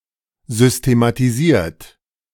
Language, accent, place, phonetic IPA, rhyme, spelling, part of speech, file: German, Germany, Berlin, [ˌzʏstematiˈziːɐ̯t], -iːɐ̯t, systematisiert, verb, De-systematisiert.ogg
- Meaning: 1. past participle of systematisieren 2. inflection of systematisieren: third-person singular present 3. inflection of systematisieren: second-person plural present